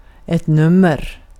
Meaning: 1. a number 2. an individual section of a show; an act 3. an issue of a paper or magazine 4. size of shoes or gloves 5. sexual intercourse 6. an item on a numbered list; a lot at an auction
- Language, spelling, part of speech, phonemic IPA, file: Swedish, nummer, noun, /¹nɵmɛr/, Sv-nummer.ogg